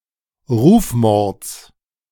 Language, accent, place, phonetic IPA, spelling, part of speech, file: German, Germany, Berlin, [ˈʁuːfˌmɔʁt͡s], Rufmords, noun, De-Rufmords.ogg
- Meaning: genitive singular of Rufmord